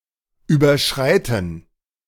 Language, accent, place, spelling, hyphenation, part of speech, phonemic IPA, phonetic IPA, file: German, Germany, Berlin, überschreiten, über‧schrei‧ten, verb, /ˌyːbəʁˈʃʁaɪ̯tən/, [ˌʔyːbaˈʃʁaɪ̯tn̩], De-überschreiten.ogg
- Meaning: 1. to exceed 2. to cross